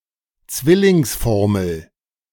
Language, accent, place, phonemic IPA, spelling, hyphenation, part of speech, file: German, Germany, Berlin, /ˈt͡svɪlɪŋsˌfɔʁml̩/, Zwillingsformel, Zwil‧lings‧for‧mel, noun, De-Zwillingsformel.ogg
- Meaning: irreversible binomial